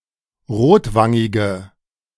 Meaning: inflection of rotwangig: 1. strong/mixed nominative/accusative feminine singular 2. strong nominative/accusative plural 3. weak nominative all-gender singular
- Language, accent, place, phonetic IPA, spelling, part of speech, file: German, Germany, Berlin, [ˈʁoːtˌvaŋɪɡə], rotwangige, adjective, De-rotwangige.ogg